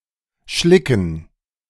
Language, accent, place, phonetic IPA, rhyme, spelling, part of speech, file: German, Germany, Berlin, [ˈʃlɪkn̩], -ɪkn̩, Schlicken, noun, De-Schlicken.ogg
- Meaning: dative plural of Schlick